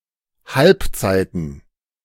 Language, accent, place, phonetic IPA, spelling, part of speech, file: German, Germany, Berlin, [ˈhalpˌt͡saɪ̯tn̩], Halbzeiten, noun, De-Halbzeiten.ogg
- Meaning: plural of Halbzeit